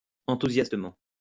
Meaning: enthusiastically
- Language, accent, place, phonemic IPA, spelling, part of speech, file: French, France, Lyon, /ɑ̃.tu.zjas.tə.mɑ̃/, enthousiastement, adverb, LL-Q150 (fra)-enthousiastement.wav